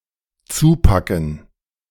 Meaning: 1. to grab, to grip, to hold on (to) 2. to knuckle down
- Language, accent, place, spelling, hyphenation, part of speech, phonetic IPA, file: German, Germany, Berlin, zupacken, zu‧pa‧cken, verb, [ˈt͡suːˌpakn̩], De-zupacken.ogg